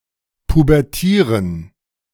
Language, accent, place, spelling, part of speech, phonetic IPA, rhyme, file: German, Germany, Berlin, pubertieren, verb, [pubɛʁˈtiːʁən], -iːʁən, De-pubertieren.ogg
- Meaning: to go through puberty